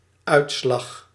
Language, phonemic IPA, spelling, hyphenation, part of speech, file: Dutch, /ˈœy̯t.slɑx/, uitslag, uit‧slag, noun, Nl-uitslag.ogg
- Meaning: 1. result: score in a competition or test 2. result: outcome (of a decision) 3. what appears at the surface, e.g. moisture 4. what appears at the surface, e.g. moisture: rash